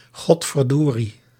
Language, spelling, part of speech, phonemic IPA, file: Dutch, godverdorie, interjection, /ˈɣɔtfərˌdori/, Nl-godverdorie.ogg
- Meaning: I'll be damned, goddammit